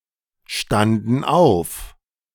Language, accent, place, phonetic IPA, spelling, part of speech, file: German, Germany, Berlin, [ˌʃtandn̩ ˈaʊ̯f], standen auf, verb, De-standen auf.ogg
- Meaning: first/third-person plural preterite of aufstehen